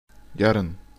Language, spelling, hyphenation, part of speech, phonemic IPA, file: Turkish, yarın, ya‧rın, adverb, /ˈjɑ.ɾɯn/, Tr-yarın.ogg
- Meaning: tomorrow